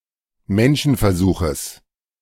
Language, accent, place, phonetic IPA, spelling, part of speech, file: German, Germany, Berlin, [ˈmɛnʃn̩fɛɐ̯ˌzuːxəs], Menschenversuches, noun, De-Menschenversuches.ogg
- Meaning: genitive singular of Menschenversuch